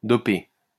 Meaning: 1. to dope; to do doping 2. to boost (one's performance by doping)
- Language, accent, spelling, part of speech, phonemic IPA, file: French, France, doper, verb, /dɔ.pe/, LL-Q150 (fra)-doper.wav